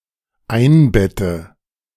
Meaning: inflection of einbetten: 1. first-person singular dependent present 2. first/third-person singular dependent subjunctive I
- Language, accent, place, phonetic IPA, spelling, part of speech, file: German, Germany, Berlin, [ˈaɪ̯nˌbɛtə], einbette, verb, De-einbette.ogg